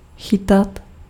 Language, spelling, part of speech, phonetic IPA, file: Czech, chytat, verb, [ˈxɪtat], Cs-chytat.ogg
- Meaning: 1. to catch, imperfective of chytit 2. imperfective of chytnout